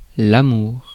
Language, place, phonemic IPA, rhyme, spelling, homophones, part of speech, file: French, Paris, /a.muʁ/, -uʁ, amour, amours, noun, Fr-amour.ogg
- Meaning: love